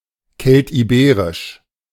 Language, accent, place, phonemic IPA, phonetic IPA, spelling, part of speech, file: German, Germany, Berlin, /ˈkɛltiˌbeːʁɪʃ/, [ˈkʰɛltʰiˌbeːʁɪʃ], keltiberisch, adjective, De-keltiberisch.ogg
- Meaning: Celtiberian (related to the ancient Celtiberians)